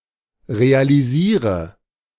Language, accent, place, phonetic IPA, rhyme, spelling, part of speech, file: German, Germany, Berlin, [ʁealiˈziːʁə], -iːʁə, realisiere, verb, De-realisiere.ogg
- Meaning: inflection of realisieren: 1. first-person singular present 2. first/third-person singular subjunctive I 3. singular imperative